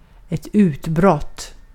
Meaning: 1. an eruption (of a volcano or the like) 2. an angry outburst 3. an outbreak (of a war, infectious disease, or the like)
- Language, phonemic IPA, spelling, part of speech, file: Swedish, /²ʉːtˌbrɔt/, utbrott, noun, Sv-utbrott.ogg